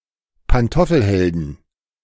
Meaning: 1. genitive singular of Pantoffelheld 2. plural of Pantoffelheld
- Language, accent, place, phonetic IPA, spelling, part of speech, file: German, Germany, Berlin, [panˈtɔfl̩ˌhɛldn̩], Pantoffelhelden, noun, De-Pantoffelhelden.ogg